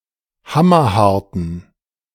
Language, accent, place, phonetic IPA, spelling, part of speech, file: German, Germany, Berlin, [ˈhamɐˌhaʁtn̩], hammerharten, adjective, De-hammerharten.ogg
- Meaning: inflection of hammerhart: 1. strong genitive masculine/neuter singular 2. weak/mixed genitive/dative all-gender singular 3. strong/weak/mixed accusative masculine singular 4. strong dative plural